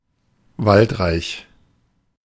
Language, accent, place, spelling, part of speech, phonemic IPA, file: German, Germany, Berlin, waldreich, adjective, /ˈvaltˌʁaɪ̯ç/, De-waldreich.ogg
- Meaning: forested (rich in woodland)